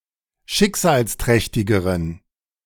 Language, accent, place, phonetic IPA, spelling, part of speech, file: German, Germany, Berlin, [ˈʃɪkzaːlsˌtʁɛçtɪɡəʁən], schicksalsträchtigeren, adjective, De-schicksalsträchtigeren.ogg
- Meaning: inflection of schicksalsträchtig: 1. strong genitive masculine/neuter singular comparative degree 2. weak/mixed genitive/dative all-gender singular comparative degree